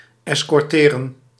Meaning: to escort
- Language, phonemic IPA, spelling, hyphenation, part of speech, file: Dutch, /ˌɛskɔrˈteːrə(n)/, escorteren, es‧cor‧te‧ren, verb, Nl-escorteren.ogg